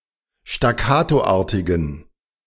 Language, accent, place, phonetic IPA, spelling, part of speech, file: German, Germany, Berlin, [ʃtaˈkaːtoˌʔaːɐ̯tɪɡn̩], staccatoartigen, adjective, De-staccatoartigen.ogg
- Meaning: inflection of staccatoartig: 1. strong genitive masculine/neuter singular 2. weak/mixed genitive/dative all-gender singular 3. strong/weak/mixed accusative masculine singular 4. strong dative plural